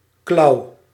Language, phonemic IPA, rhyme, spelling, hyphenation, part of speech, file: Dutch, /klɑu̯/, -ɑu̯, klauw, klauw, noun, Nl-klauw.ogg
- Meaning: 1. an animal's claw 2. a human hand 3. a tool resembling a claw